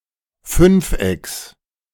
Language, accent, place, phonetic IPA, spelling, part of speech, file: German, Germany, Berlin, [ˈfʏnfˌʔɛks], Fünfecks, noun, De-Fünfecks.ogg
- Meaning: genitive singular of Fünfeck